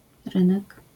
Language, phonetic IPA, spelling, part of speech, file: Polish, [ˈrɨ̃nɛk], rynek, noun, LL-Q809 (pol)-rynek.wav